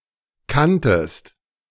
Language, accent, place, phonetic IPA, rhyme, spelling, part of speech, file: German, Germany, Berlin, [ˈkantəst], -antəst, kanntest, verb, De-kanntest.ogg
- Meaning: second-person singular preterite of kennen